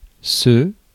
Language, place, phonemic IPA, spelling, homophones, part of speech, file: French, Paris, /sø/, ce, se, determiner / pronoun, Fr-ce.ogg
- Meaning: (determiner) this, that; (pronoun) 1. it, this, that (see § Usage notes) 2. he, she, it, they 3. it